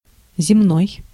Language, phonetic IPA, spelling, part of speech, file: Russian, [zʲɪˈmnoj], земной, adjective, Ru-земной.ogg
- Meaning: 1. earth; terrestrial 2. earthly 3. earthy